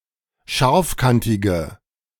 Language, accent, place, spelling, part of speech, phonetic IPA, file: German, Germany, Berlin, scharfkantige, adjective, [ˈʃaʁfˌkantɪɡə], De-scharfkantige.ogg
- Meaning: inflection of scharfkantig: 1. strong/mixed nominative/accusative feminine singular 2. strong nominative/accusative plural 3. weak nominative all-gender singular